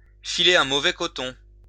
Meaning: 1. to go through a spell of poor health, to be coming down with something, to get in a bad way 2. to be headed for trouble, to be circling the drain, to go downhill
- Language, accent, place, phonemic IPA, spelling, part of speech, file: French, France, Lyon, /fi.le œ̃ mo.vɛ kɔ.tɔ̃/, filer un mauvais coton, verb, LL-Q150 (fra)-filer un mauvais coton.wav